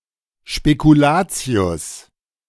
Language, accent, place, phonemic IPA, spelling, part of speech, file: German, Germany, Berlin, /ʃpekuˈlaːt͡si̯ʊs/, Spekulatius, noun, De-Spekulatius.ogg
- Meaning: 1. speculoos (sweet shortbread biscuit commonly eaten around Christmas) 2. alternative form of Spekulation